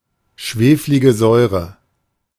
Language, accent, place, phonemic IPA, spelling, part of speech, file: German, Germany, Berlin, /ˌʃveːfliɡə ˈzɔɪ̯ʁə/, schweflige Säure, noun, De-schweflige Säure.ogg
- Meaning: sulfurous acid (the weak acid, H₂SO₃)